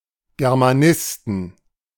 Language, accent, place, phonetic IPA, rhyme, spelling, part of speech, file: German, Germany, Berlin, [ɡɛʁmaˈnɪstn̩], -ɪstn̩, Germanisten, noun, De-Germanisten.ogg
- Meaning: plural of Germanist